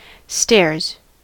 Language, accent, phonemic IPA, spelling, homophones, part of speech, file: English, US, /ˈstɛɹz/, stairs, stares, noun, En-us-stairs.ogg
- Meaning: 1. plural of stair 2. A contiguous set of steps connecting two floors